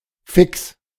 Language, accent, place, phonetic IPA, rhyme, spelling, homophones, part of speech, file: German, Germany, Berlin, [fɪks], -ɪks, fix, Ficks, adjective, De-fix.ogg
- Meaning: 1. fixed (costs, salary) 2. fixed, constant, stationary 3. fixed, permanent 4. definitely (non-gradable) 5. quick 6. agile, nimble, skilled, smart